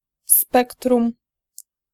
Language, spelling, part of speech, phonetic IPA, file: Polish, spektrum, noun, [ˈspɛktrũm], Pl-spektrum.ogg